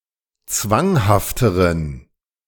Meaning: inflection of zwanghaft: 1. strong genitive masculine/neuter singular comparative degree 2. weak/mixed genitive/dative all-gender singular comparative degree
- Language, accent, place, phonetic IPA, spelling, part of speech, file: German, Germany, Berlin, [ˈt͡svaŋhaftəʁən], zwanghafteren, adjective, De-zwanghafteren.ogg